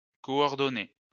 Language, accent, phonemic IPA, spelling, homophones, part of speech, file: French, France, /kɔ.ɔʁ.dɔ.ne/, coordonné, coordonnée / coordonnées / coordonner / coordonnés / coordonnez, adjective / verb, LL-Q150 (fra)-coordonné.wav
- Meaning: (adjective) coordinated; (verb) past participle of coordonner